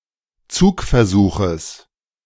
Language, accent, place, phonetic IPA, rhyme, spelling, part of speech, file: German, Germany, Berlin, [ˈt͡suːkfɛɐ̯ˌzuːxəs], -uːkfɛɐ̯zuːxəs, Zugversuches, noun, De-Zugversuches.ogg
- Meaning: genitive singular of Zugversuch